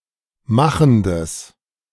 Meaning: strong/mixed nominative/accusative neuter singular of machend
- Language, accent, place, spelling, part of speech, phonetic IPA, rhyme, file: German, Germany, Berlin, machendes, adjective, [ˈmaxn̩dəs], -axn̩dəs, De-machendes.ogg